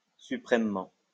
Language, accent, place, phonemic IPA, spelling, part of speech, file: French, France, Lyon, /sy.pʁɛm.mɑ̃/, suprêmement, adverb, LL-Q150 (fra)-suprêmement.wav
- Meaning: supremely